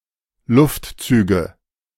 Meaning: nominative/accusative/genitive plural of Luftzug
- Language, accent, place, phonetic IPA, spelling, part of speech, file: German, Germany, Berlin, [ˈlʊftˌt͡syːɡə], Luftzüge, noun, De-Luftzüge.ogg